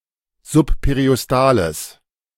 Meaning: strong/mixed nominative/accusative neuter singular of subperiostal
- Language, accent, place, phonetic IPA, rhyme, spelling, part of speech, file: German, Germany, Berlin, [zʊppeʁiʔɔsˈtaːləs], -aːləs, subperiostales, adjective, De-subperiostales.ogg